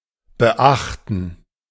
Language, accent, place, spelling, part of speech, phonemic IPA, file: German, Germany, Berlin, beachten, verb, /bəˈʔaχtn̩/, De-beachten.ogg
- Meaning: 1. to note, notice, observe 2. to mind, heed